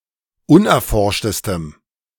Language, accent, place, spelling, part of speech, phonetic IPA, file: German, Germany, Berlin, unerforschtestem, adjective, [ˈʊnʔɛɐ̯ˌfɔʁʃtəstəm], De-unerforschtestem.ogg
- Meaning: strong dative masculine/neuter singular superlative degree of unerforscht